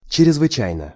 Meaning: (adverb) extremely, utterly; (adjective) short neuter singular of чрезвыча́йный (črezvyčájnyj)
- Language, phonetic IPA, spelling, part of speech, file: Russian, [t͡ɕ(ɪ)rʲɪzvɨˈt͡ɕæjnə], чрезвычайно, adverb / adjective, Ru-чрезвычайно.ogg